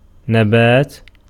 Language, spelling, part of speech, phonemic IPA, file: Arabic, نبات, noun, /na.baːt/, Ar-نبات.ogg
- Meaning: plant, vegetable, vegetation